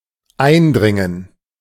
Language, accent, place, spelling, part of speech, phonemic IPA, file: German, Germany, Berlin, eindringen, verb, /ˈaɪ̯nˌdʁɪŋən/, De-eindringen.ogg
- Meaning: to intrude